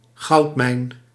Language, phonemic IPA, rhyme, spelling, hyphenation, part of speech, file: Dutch, /ˈɣɑu̯t.mɛi̯n/, -ɑu̯tmɛi̯n, goudmijn, goud‧mijn, noun, Nl-goudmijn.ogg
- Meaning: 1. goldmine (mine where gold ore is extracted) 2. goldmine (source of rich, easy profit)